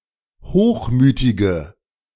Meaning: inflection of hochmütig: 1. strong/mixed nominative/accusative feminine singular 2. strong nominative/accusative plural 3. weak nominative all-gender singular
- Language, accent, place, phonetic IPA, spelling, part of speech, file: German, Germany, Berlin, [ˈhoːxˌmyːtɪɡə], hochmütige, adjective, De-hochmütige.ogg